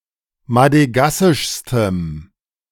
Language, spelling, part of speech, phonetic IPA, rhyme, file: German, madegassischstem, adjective, [madəˈɡasɪʃstəm], -asɪʃstəm, De-madegassischstem.ogg